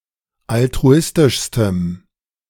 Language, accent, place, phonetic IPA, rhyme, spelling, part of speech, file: German, Germany, Berlin, [altʁuˈɪstɪʃstəm], -ɪstɪʃstəm, altruistischstem, adjective, De-altruistischstem.ogg
- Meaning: strong dative masculine/neuter singular superlative degree of altruistisch